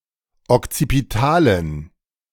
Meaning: inflection of okzipital: 1. strong genitive masculine/neuter singular 2. weak/mixed genitive/dative all-gender singular 3. strong/weak/mixed accusative masculine singular 4. strong dative plural
- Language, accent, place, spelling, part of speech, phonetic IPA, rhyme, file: German, Germany, Berlin, okzipitalen, adjective, [ɔkt͡sipiˈtaːlən], -aːlən, De-okzipitalen.ogg